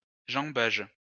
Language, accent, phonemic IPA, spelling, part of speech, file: French, France, /ʒɑ̃.baʒ/, jambage, noun, LL-Q150 (fra)-jambage.wav
- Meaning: 1. downstroke 2. jamb